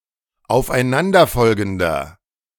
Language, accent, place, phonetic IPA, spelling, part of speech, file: German, Germany, Berlin, [aʊ̯fʔaɪ̯ˈnandɐˌfɔlɡn̩dɐ], aufeinanderfolgender, adjective, De-aufeinanderfolgender.ogg
- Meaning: inflection of aufeinanderfolgend: 1. strong/mixed nominative masculine singular 2. strong genitive/dative feminine singular 3. strong genitive plural